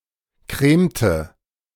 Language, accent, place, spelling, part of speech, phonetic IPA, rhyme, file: German, Germany, Berlin, cremte, verb, [ˈkʁeːmtə], -eːmtə, De-cremte.ogg
- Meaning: inflection of cremen: 1. first/third-person singular preterite 2. first/third-person singular subjunctive II